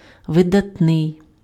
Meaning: outstanding, eminent, prominent, distinguished (standing out from others due to remarkable qualities)
- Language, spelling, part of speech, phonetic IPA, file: Ukrainian, видатний, adjective, [ʋedɐtˈnɪi̯], Uk-видатний.ogg